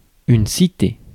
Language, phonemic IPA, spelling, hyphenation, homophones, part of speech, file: French, /si.te/, cité, ci‧té, citée / citées / citer / cités / citez, noun / verb, Fr-cité.ogg
- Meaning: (noun) 1. city 2. citizenship 3. a fortified city, city-state, or historic city centre specifically 4. a municipality with city rather than town status 5. housing estate